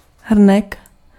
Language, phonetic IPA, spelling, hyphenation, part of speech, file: Czech, [ˈɦr̩nɛk], hrnek, hr‧nek, noun, Cs-hrnek.ogg
- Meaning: mug, cup (vessel for drinking)